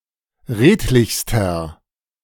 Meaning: inflection of redlich: 1. strong/mixed nominative masculine singular superlative degree 2. strong genitive/dative feminine singular superlative degree 3. strong genitive plural superlative degree
- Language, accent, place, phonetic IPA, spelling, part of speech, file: German, Germany, Berlin, [ˈʁeːtlɪçstɐ], redlichster, adjective, De-redlichster.ogg